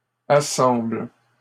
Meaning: second-person singular present indicative/subjunctive of assembler
- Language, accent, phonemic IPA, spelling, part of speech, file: French, Canada, /a.sɑ̃bl/, assembles, verb, LL-Q150 (fra)-assembles.wav